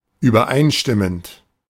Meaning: present participle of übereinstimmen
- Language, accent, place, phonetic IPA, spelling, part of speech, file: German, Germany, Berlin, [yːbɐˈʔaɪ̯nˌʃtɪmənt], übereinstimmend, verb, De-übereinstimmend.ogg